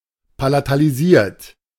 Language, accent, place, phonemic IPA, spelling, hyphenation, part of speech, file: German, Germany, Berlin, /palataliˈziːɐ̯t/, palatalisiert, pa‧la‧ta‧li‧siert, verb / adjective, De-palatalisiert.ogg
- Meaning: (verb) past participle of palatalisieren; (adjective) palatalised; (verb) inflection of palatalisieren: 1. third-person singular present 2. second-person plural present 3. plural imperative